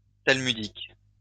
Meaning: Talmudic (related to the Talmud)
- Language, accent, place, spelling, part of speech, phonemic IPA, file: French, France, Lyon, talmudique, adjective, /tal.my.dik/, LL-Q150 (fra)-talmudique.wav